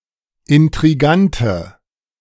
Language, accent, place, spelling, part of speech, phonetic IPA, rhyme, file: German, Germany, Berlin, intrigante, adjective, [ɪntʁiˈɡantə], -antə, De-intrigante.ogg
- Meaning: inflection of intrigant: 1. strong/mixed nominative/accusative feminine singular 2. strong nominative/accusative plural 3. weak nominative all-gender singular